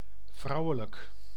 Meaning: 1. womanly, feminine 2. female 3. feminine
- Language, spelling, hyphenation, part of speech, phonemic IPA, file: Dutch, vrouwelijk, vrou‧we‧lijk, adjective, /ˈvrɑu̯.ə.lək/, Nl-vrouwelijk.ogg